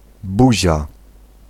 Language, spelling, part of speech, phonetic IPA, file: Polish, buzia, noun, [ˈbuʑa], Pl-buzia.ogg